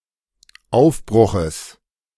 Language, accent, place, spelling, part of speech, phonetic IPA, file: German, Germany, Berlin, Aufbruches, noun, [ˈaʊ̯fˌbʁʊxəs], De-Aufbruches.ogg
- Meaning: genitive singular of Aufbruch